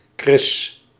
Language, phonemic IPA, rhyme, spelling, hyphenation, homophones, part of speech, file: Dutch, /krɪs/, -ɪs, Chris, Chris, kris, proper noun, Nl-Chris.ogg
- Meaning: a male given name